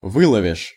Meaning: second-person singular future indicative perfective of вы́ловить (výlovitʹ)
- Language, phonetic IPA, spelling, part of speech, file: Russian, [ˈvɨɫəvʲɪʂ], выловишь, verb, Ru-выловишь.ogg